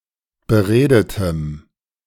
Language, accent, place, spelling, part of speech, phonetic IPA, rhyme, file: German, Germany, Berlin, beredetem, adjective, [bəˈʁeːdətəm], -eːdətəm, De-beredetem.ogg
- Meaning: strong dative masculine/neuter singular of beredet